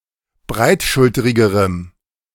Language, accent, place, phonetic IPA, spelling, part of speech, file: German, Germany, Berlin, [ˈbʁaɪ̯tˌʃʊltəʁɪɡəʁəm], breitschulterigerem, adjective, De-breitschulterigerem.ogg
- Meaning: strong dative masculine/neuter singular comparative degree of breitschulterig